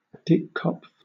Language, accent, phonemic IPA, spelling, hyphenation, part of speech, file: English, Southern England, /ˈdɪkˌkɒpf/, dickkopf, dick‧kopf, noun, LL-Q1860 (eng)-dickkopf.wav
- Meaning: Any of a family of glycoproteins that are involved in the development of the embryo